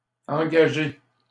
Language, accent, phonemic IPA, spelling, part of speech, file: French, Canada, /ɑ̃.ɡa.ʒe/, engagé, verb, LL-Q150 (fra)-engagé.wav
- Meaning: past participle of engager